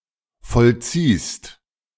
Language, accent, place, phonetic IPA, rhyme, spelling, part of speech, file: German, Germany, Berlin, [fɔlˈt͡siːst], -iːst, vollziehst, verb, De-vollziehst.ogg
- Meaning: second-person singular present of vollziehen